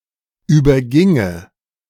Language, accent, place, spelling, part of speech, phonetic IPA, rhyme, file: German, Germany, Berlin, überginge, verb, [ˌyːbɐˈɡɪŋə], -ɪŋə, De-überginge.ogg
- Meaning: first/third-person singular subjunctive II of übergehen